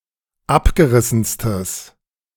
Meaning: strong/mixed nominative/accusative neuter singular superlative degree of abgerissen
- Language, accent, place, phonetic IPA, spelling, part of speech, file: German, Germany, Berlin, [ˈapɡəˌʁɪsn̩stəs], abgerissenstes, adjective, De-abgerissenstes.ogg